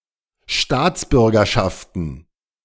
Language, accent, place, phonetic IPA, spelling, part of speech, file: German, Germany, Berlin, [ˈʃtaːt͡sˌbʏʁɡɐˌʃaftn̩], Staatsbürgerschaften, noun, De-Staatsbürgerschaften.ogg
- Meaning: plural of Staatsbürgerschaft